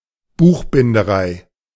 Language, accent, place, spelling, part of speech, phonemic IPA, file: German, Germany, Berlin, Buchbinderei, noun, /ˈbuːxbɪndəˌʁaɪ̯/, De-Buchbinderei.ogg
- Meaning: 1. bookbinding (craft or trade of bookbinding) 2. bookbindery (business, workshop for bookbinding)